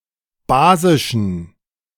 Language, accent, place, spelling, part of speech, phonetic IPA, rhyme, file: German, Germany, Berlin, basischen, adjective, [ˈbaːzɪʃn̩], -aːzɪʃn̩, De-basischen.ogg
- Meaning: inflection of basisch: 1. strong genitive masculine/neuter singular 2. weak/mixed genitive/dative all-gender singular 3. strong/weak/mixed accusative masculine singular 4. strong dative plural